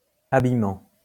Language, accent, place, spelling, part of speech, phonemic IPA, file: French, France, Lyon, abimant, verb, /a.bi.mɑ̃/, LL-Q150 (fra)-abimant.wav
- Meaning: present participle of abimer